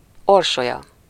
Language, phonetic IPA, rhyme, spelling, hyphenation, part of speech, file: Hungarian, [ˈorʃojɒ], -jɒ, Orsolya, Or‧so‧lya, proper noun, Hu-Orsolya.ogg
- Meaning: a female given name, equivalent to English Ursula